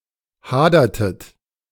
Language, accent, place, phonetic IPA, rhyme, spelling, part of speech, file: German, Germany, Berlin, [ˈhaːdɐtət], -aːdɐtət, hadertet, verb, De-hadertet.ogg
- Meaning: inflection of hadern: 1. second-person plural preterite 2. second-person plural subjunctive II